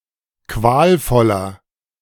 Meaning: 1. comparative degree of qualvoll 2. inflection of qualvoll: strong/mixed nominative masculine singular 3. inflection of qualvoll: strong genitive/dative feminine singular
- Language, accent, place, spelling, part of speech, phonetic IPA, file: German, Germany, Berlin, qualvoller, adjective, [ˈkvaːlˌfɔlɐ], De-qualvoller.ogg